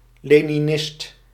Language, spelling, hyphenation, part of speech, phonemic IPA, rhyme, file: Dutch, leninist, le‧ni‧nist, noun, /ˌleː.niˈnɪst/, -ɪst, Nl-leninist.ogg
- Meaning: Leninist